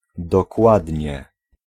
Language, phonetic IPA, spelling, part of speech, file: Polish, [dɔˈkwadʲɲɛ], dokładnie, adverb / particle / interjection, Pl-dokładnie.ogg